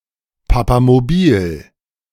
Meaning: popemobile
- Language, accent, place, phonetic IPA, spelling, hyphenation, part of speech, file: German, Germany, Berlin, [papamoˈbiːl], Papamobil, Pa‧pa‧mo‧bil, noun, De-Papamobil.ogg